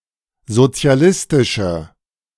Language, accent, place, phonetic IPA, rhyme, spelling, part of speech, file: German, Germany, Berlin, [zot͡si̯aˈlɪstɪʃə], -ɪstɪʃə, sozialistische, adjective, De-sozialistische.ogg
- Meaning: inflection of sozialistisch: 1. strong/mixed nominative/accusative feminine singular 2. strong nominative/accusative plural 3. weak nominative all-gender singular